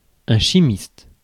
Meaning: chemist (scientist of chemistry)
- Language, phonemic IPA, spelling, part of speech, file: French, /ʃi.mist/, chimiste, noun, Fr-chimiste.ogg